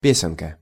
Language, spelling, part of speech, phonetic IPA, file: Russian, песенка, noun, [ˈpʲesʲɪnkə], Ru-песенка.ogg
- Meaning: diminutive of пе́сня (pésnja): (little) song